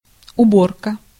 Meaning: 1. harvest, gathering in 2. removal, disposal 3. cleaning, tidying up, doing up
- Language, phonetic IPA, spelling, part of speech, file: Russian, [ʊˈborkə], уборка, noun, Ru-уборка.ogg